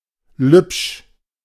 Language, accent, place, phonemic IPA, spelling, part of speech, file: German, Germany, Berlin, /lʏpʃ/, lübsch, adjective, De-lübsch.ogg
- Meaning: of Lübeck